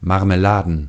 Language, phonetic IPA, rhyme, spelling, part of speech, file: German, [ˌmaʁməˈlaːdn̩], -aːdn̩, Marmeladen, noun, De-Marmeladen.ogg
- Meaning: plural of Marmelade